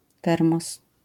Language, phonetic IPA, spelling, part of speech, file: Polish, [ˈtɛrmɔs], termos, noun, LL-Q809 (pol)-termos.wav